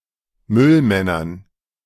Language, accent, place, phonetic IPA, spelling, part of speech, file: German, Germany, Berlin, [ˈmʏlˌmɛnɐn], Müllmännern, noun, De-Müllmännern.ogg
- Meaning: dative plural of Müllmann